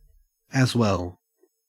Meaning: 1. In addition; also 2. To the same effect 3. Me too 4. An intensifier. Actually; really
- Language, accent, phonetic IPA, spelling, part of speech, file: English, Australia, [æˑzˈwɛːɫ], as well, adverb, En-au-as well.ogg